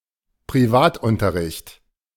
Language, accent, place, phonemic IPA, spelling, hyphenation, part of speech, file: German, Germany, Berlin, /pʁiˈvaːt.ˌʊntɐʁɪçt/, Privatunterricht, Pri‧vat‧un‧ter‧richt, noun, De-Privatunterricht.ogg
- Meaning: private lessons, private classes, private tuition, private education